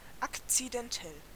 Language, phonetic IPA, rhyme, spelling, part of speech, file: German, [ˌakt͡sidɛnˈtɛl], -ɛl, akzidentell, adjective, De-akzidentell.ogg
- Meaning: accidental